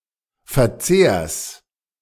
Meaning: genitive singular of Verzehr
- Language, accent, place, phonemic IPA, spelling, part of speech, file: German, Germany, Berlin, /fɛɐ̯ˈtseːɐ̯s/, Verzehrs, noun, De-Verzehrs.ogg